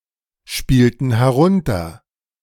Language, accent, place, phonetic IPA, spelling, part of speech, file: German, Germany, Berlin, [ˌʃpiːltn̩ hɛˈʁʊntɐ], spielten herunter, verb, De-spielten herunter.ogg
- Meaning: inflection of herunterspielen: 1. first/third-person plural preterite 2. first/third-person plural subjunctive II